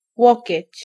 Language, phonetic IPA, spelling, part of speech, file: Polish, [ˈwɔcɛ̇t͡ɕ], łokieć, noun, Pl-łokieć.ogg